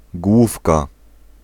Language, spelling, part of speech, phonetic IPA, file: Polish, główka, noun, [ˈɡwufka], Pl-główka.ogg